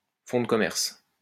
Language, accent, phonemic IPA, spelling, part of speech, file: French, France, /fɔ̃ d(ə) kɔ.mɛʁs/, fonds de commerce, noun, LL-Q150 (fra)-fonds de commerce.wav
- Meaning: 1. business assets, goodwill 2. stock-in-trade (technique, skill or ability habitually used by a person or an organisation)